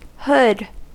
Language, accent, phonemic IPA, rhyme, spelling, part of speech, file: English, US, /hʊd/, -ʊd, hood, noun / verb / adjective, En-us-hood.ogg
- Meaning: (noun) A covering for the head, usually attached to a larger garment such as a jacket or cloak.: A head covering placed on falcons to inhibit their vision